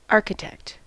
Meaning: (noun) 1. A professional who designs buildings or other structures, or who prepares plans and superintends construction 2. A person who plans, devises or contrives the achievement of a desired result
- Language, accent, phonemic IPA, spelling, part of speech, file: English, US, /ˈɑɹ.kɪˌtɛkt/, architect, noun / verb, En-us-architect.ogg